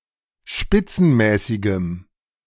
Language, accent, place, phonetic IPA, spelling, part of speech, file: German, Germany, Berlin, [ˈʃpɪt͡sn̩ˌmɛːsɪɡəm], spitzenmäßigem, adjective, De-spitzenmäßigem.ogg
- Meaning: strong dative masculine/neuter singular of spitzenmäßig